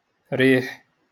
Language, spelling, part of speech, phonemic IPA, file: Moroccan Arabic, ريح, noun, /riːħ/, LL-Q56426 (ary)-ريح.wav
- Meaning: wind